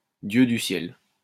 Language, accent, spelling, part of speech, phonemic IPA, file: French, France, dieux du ciel, interjection, /djø dy sjɛl/, LL-Q150 (fra)-dieux du ciel.wav
- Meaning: ye gods! good heavens!